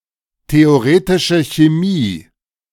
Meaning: theoretical chemistry
- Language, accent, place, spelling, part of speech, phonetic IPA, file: German, Germany, Berlin, theoretische Chemie, phrase, [teoˌʁeːtɪʃə çeˈmiː], De-theoretische Chemie.ogg